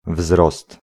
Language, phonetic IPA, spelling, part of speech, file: Polish, [vzrɔst], wzrost, noun, Pl-wzrost.ogg